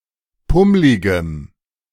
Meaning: strong dative masculine/neuter singular of pummlig
- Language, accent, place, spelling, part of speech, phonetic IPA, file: German, Germany, Berlin, pummligem, adjective, [ˈpʊmlɪɡəm], De-pummligem.ogg